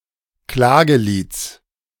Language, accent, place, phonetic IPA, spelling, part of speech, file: German, Germany, Berlin, [ˈklaːɡəˌliːt͡s], Klagelieds, noun, De-Klagelieds.ogg
- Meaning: genitive of Klagelied